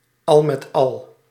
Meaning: all in all
- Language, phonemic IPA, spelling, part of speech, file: Dutch, /ˈɑl mɛt ˈɑl/, al met al, adverb, Nl-al met al.ogg